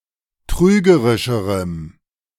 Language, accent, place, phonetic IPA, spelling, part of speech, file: German, Germany, Berlin, [ˈtʁyːɡəʁɪʃəʁəm], trügerischerem, adjective, De-trügerischerem.ogg
- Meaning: strong dative masculine/neuter singular comparative degree of trügerisch